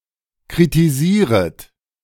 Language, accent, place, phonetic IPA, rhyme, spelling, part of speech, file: German, Germany, Berlin, [kʁitiˈziːʁət], -iːʁət, kritisieret, verb, De-kritisieret.ogg
- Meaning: second-person plural subjunctive I of kritisieren